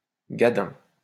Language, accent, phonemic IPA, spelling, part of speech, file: French, France, /ɡa.dɛ̃/, gadin, noun, LL-Q150 (fra)-gadin.wav
- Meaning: fall